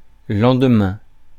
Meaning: the day after, the next day, the morrow
- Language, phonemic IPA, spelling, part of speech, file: French, /lɑ̃.d(ə).mɛ̃/, lendemain, noun, Fr-lendemain.ogg